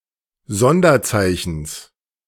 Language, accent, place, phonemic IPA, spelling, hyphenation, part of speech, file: German, Germany, Berlin, /ˈzɔndɐˌt͡saɪ̯çn̩s/, Sonderzeichens, Son‧der‧zei‧chens, noun, De-Sonderzeichens.ogg
- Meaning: genitive singular of Sonderzeichen